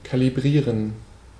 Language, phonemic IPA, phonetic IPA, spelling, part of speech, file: German, /kaliˈbʁiːʁən/, [kʰaliˈbʁiːɐ̯n], kalibrieren, verb, De-kalibrieren.ogg
- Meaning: to calibrate